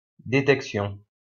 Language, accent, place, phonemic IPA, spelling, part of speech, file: French, France, Lyon, /de.tɛk.sjɔ̃/, détection, noun, LL-Q150 (fra)-détection.wav
- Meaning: detection